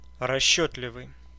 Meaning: 1. prudent, calculating 2. self-seeking, calculating 3. economical, thrifty
- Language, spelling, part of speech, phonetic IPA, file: Russian, расчётливый, adjective, [rɐˈɕːɵtlʲɪvɨj], Ru-расчётливый.ogg